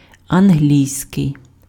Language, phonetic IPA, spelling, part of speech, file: Ukrainian, [ɐnˈɦlʲii̯sʲkei̯], англійський, adjective, Uk-англійський.ogg
- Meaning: 1. English (of or pertaining to England) 2. English (of or pertaining to the English language)